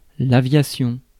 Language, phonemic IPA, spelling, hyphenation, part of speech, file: French, /a.vja.sjɔ̃/, aviation, a‧via‧tion, noun, Fr-aviation.ogg
- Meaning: aviation (art or science of flying)